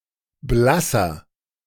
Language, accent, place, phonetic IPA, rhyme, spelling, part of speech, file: German, Germany, Berlin, [ˈblasɐ], -asɐ, blasser, adjective, De-blasser.ogg
- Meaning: inflection of blass: 1. strong/mixed nominative masculine singular 2. strong genitive/dative feminine singular 3. strong genitive plural